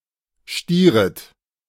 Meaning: second-person plural subjunctive I of stieren
- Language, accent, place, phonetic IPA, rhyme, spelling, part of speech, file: German, Germany, Berlin, [ˈʃtiːʁət], -iːʁət, stieret, verb, De-stieret.ogg